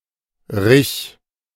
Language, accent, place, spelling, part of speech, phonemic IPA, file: German, Germany, Berlin, -rich, suffix, /-ʁɪç/, De--rich.ogg
- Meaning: suffix to derive masculine nouns, especially for male animals